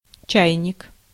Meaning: 1. kettle, teakettle (a vessel for boiling water) 2. teapot (a vessel for brewing tea) 3. dummy, novice, no-good, good-for-nothing
- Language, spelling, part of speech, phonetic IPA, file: Russian, чайник, noun, [ˈt͡ɕæjnʲɪk], Ru-чайник.ogg